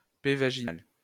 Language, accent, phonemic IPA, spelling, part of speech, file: French, France, /pɛ va.ʒi.nal/, pet vaginal, noun, LL-Q150 (fra)-pet vaginal.wav
- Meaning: queef, fanny fart